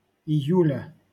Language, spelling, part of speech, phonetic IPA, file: Russian, июля, noun, [ɪˈjʉlʲə], LL-Q7737 (rus)-июля.wav
- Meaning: genitive singular of ию́ль (ijúlʹ)